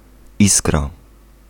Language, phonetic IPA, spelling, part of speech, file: Polish, [ˈiskra], iskra, noun, Pl-iskra.ogg